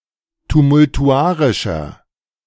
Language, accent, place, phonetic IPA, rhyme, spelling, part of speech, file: German, Germany, Berlin, [tumʊltuˈʔaʁɪʃɐ], -aːʁɪʃɐ, tumultuarischer, adjective, De-tumultuarischer.ogg
- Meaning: 1. comparative degree of tumultuarisch 2. inflection of tumultuarisch: strong/mixed nominative masculine singular 3. inflection of tumultuarisch: strong genitive/dative feminine singular